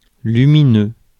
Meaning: bright, luminous
- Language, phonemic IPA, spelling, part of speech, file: French, /ly.mi.nø/, lumineux, adjective, Fr-lumineux.ogg